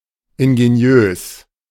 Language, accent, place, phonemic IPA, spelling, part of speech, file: German, Germany, Berlin, /ɪnɡeˈni̯øːs/, ingeniös, adjective, De-ingeniös.ogg
- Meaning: ingenious